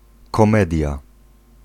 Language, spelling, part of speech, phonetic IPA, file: Polish, komedia, noun, [kɔ̃ˈmɛdʲja], Pl-komedia.ogg